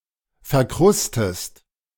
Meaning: inflection of verkrusten: 1. second-person singular present 2. second-person singular subjunctive I
- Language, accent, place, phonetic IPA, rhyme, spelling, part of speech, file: German, Germany, Berlin, [fɛɐ̯ˈkʁʊstəst], -ʊstəst, verkrustest, verb, De-verkrustest.ogg